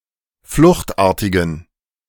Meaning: inflection of fluchtartig: 1. strong genitive masculine/neuter singular 2. weak/mixed genitive/dative all-gender singular 3. strong/weak/mixed accusative masculine singular 4. strong dative plural
- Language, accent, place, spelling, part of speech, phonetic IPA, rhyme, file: German, Germany, Berlin, fluchtartigen, adjective, [ˈflʊxtˌʔaːɐ̯tɪɡn̩], -ʊxtʔaːɐ̯tɪɡn̩, De-fluchtartigen.ogg